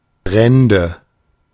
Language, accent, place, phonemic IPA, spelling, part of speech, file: German, Germany, Berlin, /ˈbʁɛndə/, Brände, noun, De-Brände.ogg
- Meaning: nominative/accusative/genitive plural of Brand